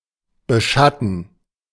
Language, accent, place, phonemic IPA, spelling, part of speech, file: German, Germany, Berlin, /bəˈʃatn̩/, beschatten, verb, De-beschatten.ogg
- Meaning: 1. to shadow, beshade (give shade, cast a shadow over) 2. to shadow (secretly follow and observe)